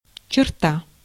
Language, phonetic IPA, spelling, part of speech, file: Russian, [t͡ɕɪrˈta], черта, noun, Ru-черта.ogg
- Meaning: 1. line 2. boundary, precinct 3. trait, streak, feature 4. stroke (particularly of a Chinese character) 5. genitive singular of чёрт (čort) 6. genitive singular of чорт (čort)